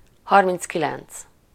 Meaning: thirty-nine
- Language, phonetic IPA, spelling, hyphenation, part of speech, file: Hungarian, [ˈhɒrmint͡skilɛnt͡s], harminckilenc, har‧minc‧ki‧lenc, numeral, Hu-harminckilenc.ogg